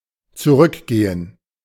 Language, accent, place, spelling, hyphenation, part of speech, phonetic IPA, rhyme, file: German, Germany, Berlin, zurückgehen, zu‧rück‧ge‧hen, verb, [zuˈʁʏkˌɡeːən], -eːən, De-zurückgehen.ogg
- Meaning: 1. to go back, return (to a place) 2. to decline, abate